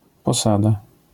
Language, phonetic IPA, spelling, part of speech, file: Polish, [pɔˈsada], posada, noun, LL-Q809 (pol)-posada.wav